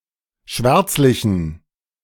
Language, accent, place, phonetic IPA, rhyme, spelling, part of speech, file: German, Germany, Berlin, [ˈʃvɛʁt͡slɪçn̩], -ɛʁt͡slɪçn̩, schwärzlichen, adjective, De-schwärzlichen.ogg
- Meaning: inflection of schwärzlich: 1. strong genitive masculine/neuter singular 2. weak/mixed genitive/dative all-gender singular 3. strong/weak/mixed accusative masculine singular 4. strong dative plural